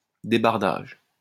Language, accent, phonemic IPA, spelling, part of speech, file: French, France, /de.baʁ.daʒ/, débardage, noun, LL-Q150 (fra)-débardage.wav
- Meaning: the transportation of logs after being chopped down